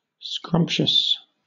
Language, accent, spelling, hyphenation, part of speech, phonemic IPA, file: English, Southern England, scrumptious, scrump‧tious, adjective, /ˈskɹʌm(p)ʃəs/, LL-Q1860 (eng)-scrumptious.wav
- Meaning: 1. Of food: delectable, delicious 2. Of a person or thing: excellent, wonderful; also, very aesthetically pleasing or attractive; good enough to eat 3. Fastidious, picky 4. Very small; tiny